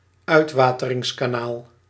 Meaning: drainage channel, drainage canal
- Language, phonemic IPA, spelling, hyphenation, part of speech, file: Dutch, /ˈœy̯t.ʋaː.tə.rɪŋs.kaːˌnaːl/, uitwateringskanaal, uit‧wa‧te‧rings‧ka‧naal, noun, Nl-uitwateringskanaal.ogg